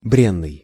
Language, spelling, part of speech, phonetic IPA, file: Russian, бренный, adjective, [ˈbrʲenːɨj], Ru-бренный.ogg
- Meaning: perishable, fleeting, mortal, frail